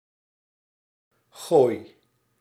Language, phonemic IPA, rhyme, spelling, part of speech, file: Dutch, /ɣoːi̯/, -oːi̯, gooi, verb, Nl-gooi.ogg
- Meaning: inflection of gooien: 1. first-person singular present indicative 2. second-person singular present indicative 3. imperative